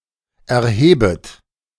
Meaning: second-person plural subjunctive I of erheben
- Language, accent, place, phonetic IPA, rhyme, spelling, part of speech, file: German, Germany, Berlin, [ɛɐ̯ˈheːbət], -eːbət, erhebet, verb, De-erhebet.ogg